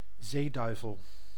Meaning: anglerfish (Lophius piscatorius)
- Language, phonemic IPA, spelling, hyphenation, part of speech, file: Dutch, /ˈzeːˌdœy̯.vəl/, zeeduivel, zee‧dui‧vel, noun, Nl-zeeduivel.ogg